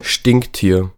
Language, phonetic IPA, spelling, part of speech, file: German, [ˈʃtɪŋkˌtiːɐ̯], Stinktier, noun, De-Stinktier.ogg
- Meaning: 1. skunk (mammal of the family Mephitidae) 2. A dirty or contemptible person